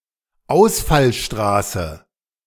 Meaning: radial exit road, arterial road, parkway
- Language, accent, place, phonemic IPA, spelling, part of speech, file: German, Germany, Berlin, /ˈaʊ̯sfalˌʃtʁaːsə/, Ausfallstraße, noun, De-Ausfallstraße.ogg